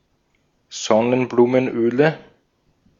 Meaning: 1. nominative/accusative/genitive plural of Sonnenblumenöl 2. dative of Sonnenblumenöl
- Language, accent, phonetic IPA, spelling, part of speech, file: German, Austria, [ˈzɔnənbluːmənˌʔøːlə], Sonnenblumenöle, noun, De-at-Sonnenblumenöle.ogg